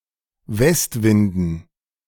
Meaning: dative plural of Westwind
- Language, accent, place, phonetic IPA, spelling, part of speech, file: German, Germany, Berlin, [ˈvɛstˌvɪndn̩], Westwinden, noun, De-Westwinden.ogg